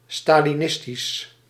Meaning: Stalinist
- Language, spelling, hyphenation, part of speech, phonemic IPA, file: Dutch, stalinistisch, sta‧li‧nis‧tisch, adjective, /ˌstaliˈnɪstis/, Nl-stalinistisch.ogg